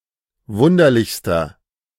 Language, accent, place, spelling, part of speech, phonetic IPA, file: German, Germany, Berlin, wunderlichster, adjective, [ˈvʊndɐlɪçstɐ], De-wunderlichster.ogg
- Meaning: inflection of wunderlich: 1. strong/mixed nominative masculine singular superlative degree 2. strong genitive/dative feminine singular superlative degree 3. strong genitive plural superlative degree